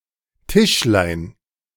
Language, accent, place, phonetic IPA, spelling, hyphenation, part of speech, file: German, Germany, Berlin, [ˈtɪʃlaɪ̯n], Tischlein, Tisch‧lein, noun, De-Tischlein.ogg
- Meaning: diminutive of Tisch